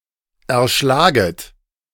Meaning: second-person plural subjunctive I of erschlagen
- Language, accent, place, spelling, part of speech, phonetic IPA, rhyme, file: German, Germany, Berlin, erschlaget, verb, [ɛɐ̯ˈʃlaːɡət], -aːɡət, De-erschlaget.ogg